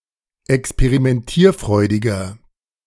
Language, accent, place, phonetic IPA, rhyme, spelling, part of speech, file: German, Germany, Berlin, [ɛkspeʁimɛnˈtiːɐ̯ˌfʁɔɪ̯dɪɡɐ], -iːɐ̯fʁɔɪ̯dɪɡɐ, experimentierfreudiger, adjective, De-experimentierfreudiger.ogg
- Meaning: 1. comparative degree of experimentierfreudig 2. inflection of experimentierfreudig: strong/mixed nominative masculine singular